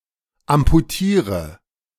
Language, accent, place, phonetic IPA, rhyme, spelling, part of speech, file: German, Germany, Berlin, [ampuˈtiːʁə], -iːʁə, amputiere, verb, De-amputiere.ogg
- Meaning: inflection of amputieren: 1. first-person singular present 2. singular imperative 3. first/third-person singular subjunctive I